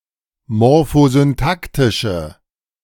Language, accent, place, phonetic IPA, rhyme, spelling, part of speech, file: German, Germany, Berlin, [mɔʁfozynˈtaktɪʃə], -aktɪʃə, morphosyntaktische, adjective, De-morphosyntaktische.ogg
- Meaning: inflection of morphosyntaktisch: 1. strong/mixed nominative/accusative feminine singular 2. strong nominative/accusative plural 3. weak nominative all-gender singular